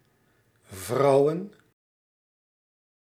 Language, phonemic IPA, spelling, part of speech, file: Dutch, /ˈvrɑu̯ə(n)/, vrouwen, noun, Nl-vrouwen.ogg
- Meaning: plural of vrouw